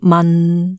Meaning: 1. Jyutping transcription of 文 2. Jyutping transcription of 免
- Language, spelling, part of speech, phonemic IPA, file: Cantonese, man6, romanization, /mɐn˨/, Yue-man6.ogg